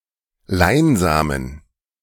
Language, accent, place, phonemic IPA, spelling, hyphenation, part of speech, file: German, Germany, Berlin, /ˈlaɪ̯nˌzaːmən/, Leinsamen, Lein‧sa‧men, noun, De-Leinsamen.ogg
- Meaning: linseed, flaxseed